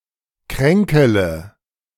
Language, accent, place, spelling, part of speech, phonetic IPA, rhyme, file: German, Germany, Berlin, kränkele, verb, [ˈkʁɛŋkələ], -ɛŋkələ, De-kränkele.ogg
- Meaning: inflection of kränkeln: 1. first-person singular present 2. first-person plural subjunctive I 3. third-person singular subjunctive I 4. singular imperative